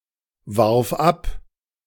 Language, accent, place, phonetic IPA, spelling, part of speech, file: German, Germany, Berlin, [ˌvaʁf ˈap], warf ab, verb, De-warf ab.ogg
- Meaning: first/third-person singular preterite of abwerfen